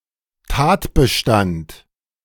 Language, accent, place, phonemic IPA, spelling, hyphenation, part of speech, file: German, Germany, Berlin, /ˈtaːtbəˌʃtant/, Tatbestand, Tat‧be‧stand, noun, De-Tatbestand.ogg
- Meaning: element (required aspect or component of a cause of action) (also collective as “elements”)